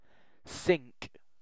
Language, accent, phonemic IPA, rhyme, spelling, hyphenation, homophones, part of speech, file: English, Received Pronunciation, /ˈsɪŋk/, -ɪŋk, sink, sink, cinque / sync / synch, verb / noun, En-uk-sink.ogg
- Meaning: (verb) To move or be moved into something.: To descend or submerge (or to cause to do so) into a liquid or similar substance